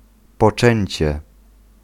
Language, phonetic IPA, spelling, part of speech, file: Polish, [pɔˈt͡ʃɛ̃ɲt͡ɕɛ], poczęcie, noun, Pl-poczęcie.ogg